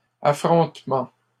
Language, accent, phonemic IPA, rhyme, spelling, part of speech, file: French, Canada, /a.fʁɔ̃t.mɑ̃/, -ɑ̃, affrontement, noun, LL-Q150 (fra)-affrontement.wav
- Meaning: confrontation, encounter